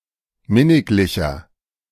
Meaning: 1. comparative degree of minniglich 2. inflection of minniglich: strong/mixed nominative masculine singular 3. inflection of minniglich: strong genitive/dative feminine singular
- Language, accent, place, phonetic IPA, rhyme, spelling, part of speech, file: German, Germany, Berlin, [ˈmɪnɪklɪçɐ], -ɪnɪklɪçɐ, minniglicher, adjective, De-minniglicher.ogg